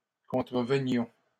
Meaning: inflection of contrevenir: 1. first-person plural imperfect indicative 2. first-person plural present subjunctive
- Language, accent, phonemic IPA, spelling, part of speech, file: French, Canada, /kɔ̃.tʁə.və.njɔ̃/, contrevenions, verb, LL-Q150 (fra)-contrevenions.wav